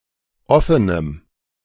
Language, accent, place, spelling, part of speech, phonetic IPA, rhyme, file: German, Germany, Berlin, offenem, adjective, [ˈɔfənəm], -ɔfənəm, De-offenem.ogg
- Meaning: strong dative masculine/neuter singular of offen